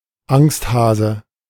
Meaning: coward
- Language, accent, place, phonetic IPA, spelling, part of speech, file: German, Germany, Berlin, [ˈaŋstˌhaːzə], Angsthase, noun, De-Angsthase.ogg